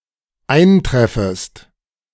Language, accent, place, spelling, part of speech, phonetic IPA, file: German, Germany, Berlin, eintreffest, verb, [ˈaɪ̯nˌtʁɛfəst], De-eintreffest.ogg
- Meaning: second-person singular dependent subjunctive I of eintreffen